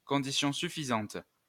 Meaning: sufficient condition
- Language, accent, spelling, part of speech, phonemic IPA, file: French, France, condition suffisante, noun, /kɔ̃.di.sjɔ̃ sy.fi.zɑ̃t/, LL-Q150 (fra)-condition suffisante.wav